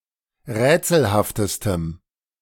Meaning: strong dative masculine/neuter singular superlative degree of rätselhaft
- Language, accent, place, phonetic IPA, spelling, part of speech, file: German, Germany, Berlin, [ˈʁɛːt͡sl̩haftəstəm], rätselhaftestem, adjective, De-rätselhaftestem.ogg